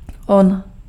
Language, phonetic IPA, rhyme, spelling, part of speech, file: Czech, [ˈon], -on, on, pronoun, Cs-on.ogg
- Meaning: he (third person personal singular)